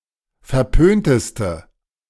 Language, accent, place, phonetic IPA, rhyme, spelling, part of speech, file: German, Germany, Berlin, [fɛɐ̯ˈpøːntəstə], -øːntəstə, verpönteste, adjective, De-verpönteste.ogg
- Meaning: inflection of verpönt: 1. strong/mixed nominative/accusative feminine singular superlative degree 2. strong nominative/accusative plural superlative degree